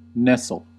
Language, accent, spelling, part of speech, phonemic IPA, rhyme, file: English, US, nestle, verb, /ˈnɛsəl/, -ɛsəl, En-us-nestle.ogg
- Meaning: 1. To settle oneself comfortably and snugly 2. To press oneself against another affectionately 3. To lie half-hidden or in shelter 4. To build or sit upon a nest 5. Of a bird: to look after its young